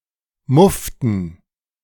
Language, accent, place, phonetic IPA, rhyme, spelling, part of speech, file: German, Germany, Berlin, [ˈmʊftn̩], -ʊftn̩, mufften, verb, De-mufften.ogg
- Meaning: inflection of muffen: 1. first/third-person plural preterite 2. first/third-person plural subjunctive II